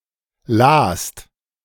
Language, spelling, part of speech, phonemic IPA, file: German, last, verb, /laːst/, De-last.ogg
- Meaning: 1. second-person singular preterite of lesen 2. second-person plural preterite of lesen